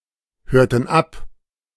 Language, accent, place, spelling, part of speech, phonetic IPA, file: German, Germany, Berlin, hörten ab, verb, [ˌhøːɐ̯tn̩ ˈap], De-hörten ab.ogg
- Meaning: inflection of abhören: 1. first/third-person plural preterite 2. first/third-person plural subjunctive II